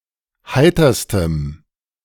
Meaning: strong dative masculine/neuter singular superlative degree of heiter
- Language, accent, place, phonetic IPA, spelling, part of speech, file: German, Germany, Berlin, [ˈhaɪ̯tɐstəm], heiterstem, adjective, De-heiterstem.ogg